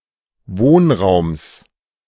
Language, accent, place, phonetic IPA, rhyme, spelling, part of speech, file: German, Germany, Berlin, [ˈvoːnˌʁaʊ̯ms], -oːnʁaʊ̯ms, Wohnraums, noun, De-Wohnraums.ogg
- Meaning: genitive singular of Wohnraum